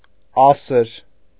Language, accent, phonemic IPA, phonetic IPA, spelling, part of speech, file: Armenian, Eastern Armenian, /ˈɑsəɾ/, [ɑ́səɾ], ասր, noun, Hy-ասր.ogg
- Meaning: cleaned white wool of a sheep, fine fleece